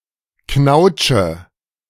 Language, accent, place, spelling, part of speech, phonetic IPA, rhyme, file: German, Germany, Berlin, knautsche, verb, [ˈknaʊ̯t͡ʃə], -aʊ̯t͡ʃə, De-knautsche.ogg
- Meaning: inflection of knautschen: 1. first-person singular present 2. first/third-person singular subjunctive I 3. singular imperative